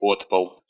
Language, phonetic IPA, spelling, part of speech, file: Russian, [ˈpotpəɫ], подпол, noun, Ru-по́дпол.ogg
- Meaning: cellar, basement